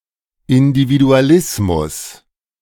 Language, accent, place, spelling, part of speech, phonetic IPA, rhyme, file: German, Germany, Berlin, Individualismus, noun, [ˌɪndividuaˈlɪsmʊs], -ɪsmʊs, De-Individualismus.ogg
- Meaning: individualism